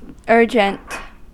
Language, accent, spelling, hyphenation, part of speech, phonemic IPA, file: English, US, urgent, ur‧gent, adjective, /ˈɝ.d͡ʒənt/, En-us-urgent.ogg
- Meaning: 1. Requiring immediate attention 2. Of people: insistent, solicitous